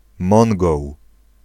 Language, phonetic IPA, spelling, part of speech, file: Polish, [ˈmɔ̃ŋɡɔw], Mongoł, noun, Pl-Mongoł.ogg